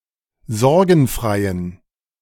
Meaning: inflection of sorgenfrei: 1. strong genitive masculine/neuter singular 2. weak/mixed genitive/dative all-gender singular 3. strong/weak/mixed accusative masculine singular 4. strong dative plural
- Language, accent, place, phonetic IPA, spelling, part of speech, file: German, Germany, Berlin, [ˈzɔʁɡn̩ˌfʁaɪ̯ən], sorgenfreien, adjective, De-sorgenfreien.ogg